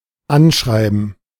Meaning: 1. gerund of anschreiben 2. cover letter
- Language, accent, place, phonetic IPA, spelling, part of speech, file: German, Germany, Berlin, [ˈanˌʃʁaɪ̯bn̩], Anschreiben, noun, De-Anschreiben.ogg